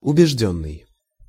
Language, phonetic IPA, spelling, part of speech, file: Russian, [ʊbʲɪʐˈdʲɵnːɨj], убеждённый, verb / adjective, Ru-убеждённый.ogg
- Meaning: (verb) past passive perfective participle of убеди́ть (ubedítʹ); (adjective) 1. convinced (of something) 2. staunch